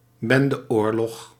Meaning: a gang war
- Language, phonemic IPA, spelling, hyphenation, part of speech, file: Dutch, /ˈbɛn.dəˌoːr.lɔx/, bendeoorlog, ben‧de‧oor‧log, noun, Nl-bendeoorlog.ogg